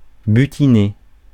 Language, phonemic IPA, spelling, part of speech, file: French, /by.ti.ne/, butiner, verb, Fr-butiner.ogg
- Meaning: 1. to gather pollen, gather nectar 2. to gather (pollen) 3. to glean, pick up (ideas, concepts etc.) 4. to surf the internet, to browse 5. to snog (UK), to make out with (US)